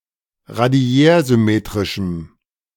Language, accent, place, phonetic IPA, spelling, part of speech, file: German, Germany, Berlin, [ʁaˈdi̯ɛːɐ̯zʏˌmeːtʁɪʃm̩], radiärsymmetrischem, adjective, De-radiärsymmetrischem.ogg
- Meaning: strong dative masculine/neuter singular of radiärsymmetrisch